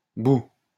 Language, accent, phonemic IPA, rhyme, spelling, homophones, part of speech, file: French, France, /bu/, -u, bouh, bout / bouts, interjection, LL-Q150 (fra)-bouh.wav
- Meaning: boo!